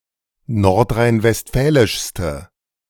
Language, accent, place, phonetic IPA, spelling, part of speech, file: German, Germany, Berlin, [ˌnɔʁtʁaɪ̯nvɛstˈfɛːlɪʃstə], nordrhein-westfälischste, adjective, De-nordrhein-westfälischste.ogg
- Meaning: inflection of nordrhein-westfälisch: 1. strong/mixed nominative/accusative feminine singular superlative degree 2. strong nominative/accusative plural superlative degree